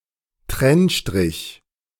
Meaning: hyphen (symbol used to indicate a word has been split)
- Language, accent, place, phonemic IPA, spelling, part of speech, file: German, Germany, Berlin, /ˈtʁɛnʃtʁɪç/, Trennstrich, noun, De-Trennstrich.ogg